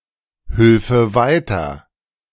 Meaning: first/third-person singular subjunctive II of weiterhelfen
- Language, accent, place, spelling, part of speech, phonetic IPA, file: German, Germany, Berlin, hülfe weiter, verb, [ˌhʏlfə ˈvaɪ̯tɐ], De-hülfe weiter.ogg